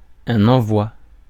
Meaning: 1. dispatch, sending (act of sending); shipping 2. dispatch 3. package (something that is sent or dispatches) 4. envoi
- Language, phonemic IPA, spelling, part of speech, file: French, /ɑ̃.vwa/, envoi, noun, Fr-envoi.ogg